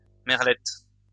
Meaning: 1. the merlette 2. female blackbird
- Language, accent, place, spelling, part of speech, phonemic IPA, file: French, France, Lyon, merlette, noun, /mɛʁ.lɛt/, LL-Q150 (fra)-merlette.wav